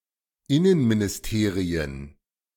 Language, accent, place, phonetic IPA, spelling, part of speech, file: German, Germany, Berlin, [ˈɪnənminɪsˌteːʁiən], Innenministerien, noun, De-Innenministerien.ogg
- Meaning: plural of Innenministerium